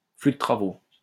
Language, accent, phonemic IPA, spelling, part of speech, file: French, France, /fly də tʁa.vo/, flux de travaux, noun, LL-Q150 (fra)-flux de travaux.wav
- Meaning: workflow (a process and/or procedure in which tasks are completed)